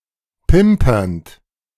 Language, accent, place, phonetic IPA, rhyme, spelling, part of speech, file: German, Germany, Berlin, [ˈpɪmpɐnt], -ɪmpɐnt, pimpernd, verb, De-pimpernd.ogg
- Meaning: present participle of pimpern